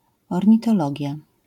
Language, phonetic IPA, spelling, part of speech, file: Polish, [ˌɔrʲɲitɔˈlɔɟja], ornitologia, noun, LL-Q809 (pol)-ornitologia.wav